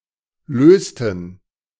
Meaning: inflection of lösen: 1. first/third-person plural preterite 2. first/third-person plural subjunctive II
- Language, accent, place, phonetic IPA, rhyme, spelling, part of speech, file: German, Germany, Berlin, [ˈløːstn̩], -øːstn̩, lösten, verb, De-lösten.ogg